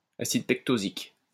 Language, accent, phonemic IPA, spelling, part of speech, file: French, France, /a.sid pɛk.to.zik/, acide pectosique, noun, LL-Q150 (fra)-acide pectosique.wav
- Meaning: pectosic acid